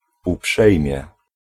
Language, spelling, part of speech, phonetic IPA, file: Polish, uprzejmie, adverb, [uˈpʃɛjmʲjɛ], Pl-uprzejmie.ogg